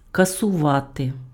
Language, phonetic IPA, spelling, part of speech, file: Ukrainian, [kɐsʊˈʋate], касувати, verb, Uk-касувати.ogg
- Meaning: to abolish, to cancel, to abrogate, to annul, to reverse (a decision)